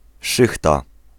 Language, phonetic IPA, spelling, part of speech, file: Polish, [ˈʃɨxta], szychta, noun, Pl-szychta.ogg